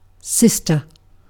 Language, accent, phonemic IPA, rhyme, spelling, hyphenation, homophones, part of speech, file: English, UK, /ˈsɪs.tə(ɹ)/, -ɪstə(ɹ), sister, sis‧ter, cister / cyster, noun / verb, En-uk-sister.ogg
- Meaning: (noun) 1. A daughter of the same parents as another person; a female sibling 2. A female member of a religious order; especially one devoted to more active service; (informal) a nun